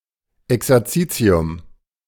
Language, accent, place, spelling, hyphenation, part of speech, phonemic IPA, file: German, Germany, Berlin, Exerzitium, Ex‧er‧zi‧ti‧um, noun, /ɛksɛrˈt͡siːt͡si̯ʊm/, De-Exerzitium.ogg
- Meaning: 1. retreat (time spent away from one’s normal life for prayer, religious learning, etc.) 2. exercise; homework